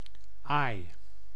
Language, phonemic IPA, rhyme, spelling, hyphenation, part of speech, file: Dutch, /aːi̯/, -aːi̯, aai, aai, noun / verb, Nl-aai.ogg
- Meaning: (noun) 1. a stroke or caress 2. a pinch; a shove; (verb) inflection of aaien: 1. first-person singular present indicative 2. second-person singular present indicative 3. imperative